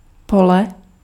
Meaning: 1. field 2. array
- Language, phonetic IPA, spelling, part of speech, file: Czech, [ˈpolɛ], pole, noun, Cs-pole.ogg